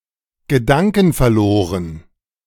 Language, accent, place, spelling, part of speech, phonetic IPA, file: German, Germany, Berlin, gedankenverloren, adjective, [ɡəˈdaŋkn̩fɛɐ̯ˌloːʁən], De-gedankenverloren.ogg
- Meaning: 1. absent-minded 2. distracted